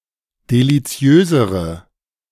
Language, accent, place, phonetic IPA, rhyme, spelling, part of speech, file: German, Germany, Berlin, [deliˈt͡si̯øːzəʁə], -øːzəʁə, deliziösere, adjective, De-deliziösere.ogg
- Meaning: inflection of deliziös: 1. strong/mixed nominative/accusative feminine singular comparative degree 2. strong nominative/accusative plural comparative degree